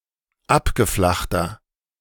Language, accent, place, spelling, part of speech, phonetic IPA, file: German, Germany, Berlin, abgeflachter, adjective, [ˈapɡəˌflaxtɐ], De-abgeflachter.ogg
- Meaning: 1. comparative degree of abgeflacht 2. inflection of abgeflacht: strong/mixed nominative masculine singular 3. inflection of abgeflacht: strong genitive/dative feminine singular